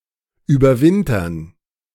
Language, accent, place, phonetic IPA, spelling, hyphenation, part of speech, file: German, Germany, Berlin, [yːbɐˈvɪntɐn], überwintern, über‧win‧tern, verb, De-überwintern.ogg
- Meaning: 1. to hibernate 2. to overwinter